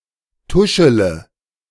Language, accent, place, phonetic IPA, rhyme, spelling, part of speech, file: German, Germany, Berlin, [ˈtʊʃələ], -ʊʃələ, tuschele, verb, De-tuschele.ogg
- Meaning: inflection of tuscheln: 1. first-person singular present 2. first-person plural subjunctive I 3. third-person singular subjunctive I 4. singular imperative